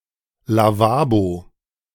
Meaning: 1. lavabo (liturgical handwashing) 2. lavabo (washbasin used for such handwashing)
- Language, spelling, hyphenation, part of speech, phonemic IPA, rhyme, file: German, Lavabo, La‧va‧bo, noun, /laˈvaːbo/, -aːbo, De-Lavabo.ogg